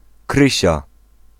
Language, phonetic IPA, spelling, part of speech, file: Polish, [ˈkrɨɕa], Krysia, proper noun, Pl-Krysia.ogg